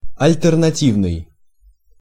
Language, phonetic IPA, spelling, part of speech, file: Russian, [ɐlʲtɨrnɐˈtʲivnɨj], альтернативный, adjective, Ru-альтернативный.ogg
- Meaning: alternative (relating to a choice)